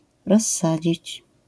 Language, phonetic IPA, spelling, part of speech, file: Polish, [rɔsˈːad͡ʑit͡ɕ], rozsadzić, verb, LL-Q809 (pol)-rozsadzić.wav